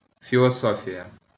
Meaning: philosophy
- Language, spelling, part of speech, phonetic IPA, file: Ukrainian, філософія, noun, [fʲiɫɔˈsɔfʲijɐ], LL-Q8798 (ukr)-філософія.wav